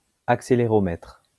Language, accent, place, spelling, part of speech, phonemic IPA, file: French, France, Lyon, accéléromètre, noun, /ak.se.le.ʁɔ.mɛtʁ/, LL-Q150 (fra)-accéléromètre.wav
- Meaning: accelerometer